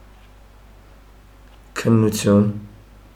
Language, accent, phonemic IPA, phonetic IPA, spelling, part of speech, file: Armenian, Eastern Armenian, /kʰənnuˈtʰjun/, [kʰənːut͡sʰjún], քննություն, noun, Hy-քննություն.ogg
- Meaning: examination, exam